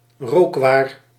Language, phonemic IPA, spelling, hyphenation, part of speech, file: Dutch, /ˈroːk.ʋaːr/, rookwaar, rook‧waar, noun, Nl-rookwaar.ogg
- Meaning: smoking products (tobacco products, sometimes including other smoked drugs and smoking miscellanea)